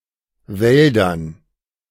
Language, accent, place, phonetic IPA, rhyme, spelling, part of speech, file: German, Germany, Berlin, [ˈvɛldɐn], -ɛldɐn, Wäldern, noun, De-Wäldern.ogg
- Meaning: dative plural of Wald